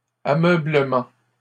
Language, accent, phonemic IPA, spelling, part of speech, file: French, Canada, /a.mœ.blə.mɑ̃/, ameublement, noun, LL-Q150 (fra)-ameublement.wav
- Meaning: furniture